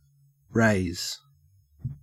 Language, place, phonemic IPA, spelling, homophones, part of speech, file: English, Queensland, /ɹæɪz/, raze, raise / rase / rays / rehs / réis / res, verb / noun, En-au-raze.ogg
- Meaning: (verb) To level or tear down (a building, a town, etc.) to the ground; to demolish